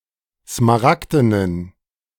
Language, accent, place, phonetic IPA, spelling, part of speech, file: German, Germany, Berlin, [smaˈʁakdənən], smaragdenen, adjective, De-smaragdenen.ogg
- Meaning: inflection of smaragden: 1. strong genitive masculine/neuter singular 2. weak/mixed genitive/dative all-gender singular 3. strong/weak/mixed accusative masculine singular 4. strong dative plural